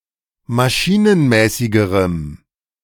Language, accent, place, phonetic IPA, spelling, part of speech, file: German, Germany, Berlin, [maˈʃiːnənˌmɛːsɪɡəʁəm], maschinenmäßigerem, adjective, De-maschinenmäßigerem.ogg
- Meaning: strong dative masculine/neuter singular comparative degree of maschinenmäßig